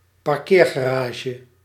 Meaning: parking garage; indoor car park (compare: parkeerterrein)
- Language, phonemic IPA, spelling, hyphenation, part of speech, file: Dutch, /pɑrˈkeːr.ɣaːˌraː.ʒə/, parkeergarage, par‧keer‧ga‧ra‧ge, noun, Nl-parkeergarage.ogg